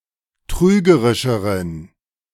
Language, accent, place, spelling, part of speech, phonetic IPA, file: German, Germany, Berlin, trügerischeren, adjective, [ˈtʁyːɡəʁɪʃəʁən], De-trügerischeren.ogg
- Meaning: inflection of trügerisch: 1. strong genitive masculine/neuter singular comparative degree 2. weak/mixed genitive/dative all-gender singular comparative degree